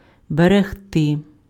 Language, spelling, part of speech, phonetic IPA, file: Ukrainian, берегти, verb, [bereɦˈtɪ], Uk-берегти.ogg
- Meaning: to guard, to take care of, to keep safe